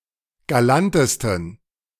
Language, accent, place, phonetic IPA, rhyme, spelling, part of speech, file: German, Germany, Berlin, [ɡaˈlantəstn̩], -antəstn̩, galantesten, adjective, De-galantesten.ogg
- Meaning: 1. superlative degree of galant 2. inflection of galant: strong genitive masculine/neuter singular superlative degree